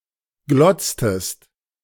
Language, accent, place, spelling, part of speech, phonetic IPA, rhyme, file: German, Germany, Berlin, glotztest, verb, [ˈɡlɔt͡stəst], -ɔt͡stəst, De-glotztest.ogg
- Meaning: inflection of glotzen: 1. second-person singular preterite 2. second-person singular subjunctive II